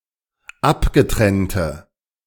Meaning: inflection of abgetrennt: 1. strong/mixed nominative/accusative feminine singular 2. strong nominative/accusative plural 3. weak nominative all-gender singular
- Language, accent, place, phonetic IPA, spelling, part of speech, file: German, Germany, Berlin, [ˈapɡəˌtʁɛntə], abgetrennte, adjective, De-abgetrennte.ogg